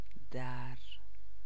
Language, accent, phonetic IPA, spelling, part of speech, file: Persian, Iran, [d̪æɹ], در, preposition / noun, Fa-در.ogg
- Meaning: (preposition) 1. at, in, inside, within 2. in, on; used of time units 3. by, per; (noun) 1. door 2. lid 3. court 4. topic, subject 5. chapter